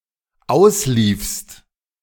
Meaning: second-person singular dependent preterite of auslaufen
- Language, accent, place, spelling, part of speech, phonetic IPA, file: German, Germany, Berlin, ausliefst, verb, [ˈaʊ̯sˌliːfst], De-ausliefst.ogg